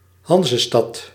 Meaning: Hanseatic city, city that was a member of the Hanseatic League
- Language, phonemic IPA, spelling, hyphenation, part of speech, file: Dutch, /ˈɦɑn.zəˌstɑt/, Hanzestad, Han‧ze‧stad, noun, Nl-Hanzestad.ogg